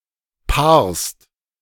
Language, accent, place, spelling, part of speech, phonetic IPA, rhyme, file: German, Germany, Berlin, paarst, verb, [paːɐ̯st], -aːɐ̯st, De-paarst.ogg
- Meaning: second-person singular present of paaren